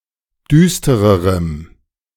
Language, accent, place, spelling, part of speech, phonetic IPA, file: German, Germany, Berlin, düstererem, adjective, [ˈdyːstəʁəʁəm], De-düstererem.ogg
- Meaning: strong dative masculine/neuter singular comparative degree of düster